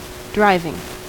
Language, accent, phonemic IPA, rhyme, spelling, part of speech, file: English, US, /ˈdɹaɪvɪŋ/, -aɪvɪŋ, driving, verb / adjective / noun, En-us-driving.ogg
- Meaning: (verb) present participle and gerund of drive; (adjective) 1. That drives (a mechanism or process) 2. That drives forcefully; strong; forceful; violent (of wind, rain, etc)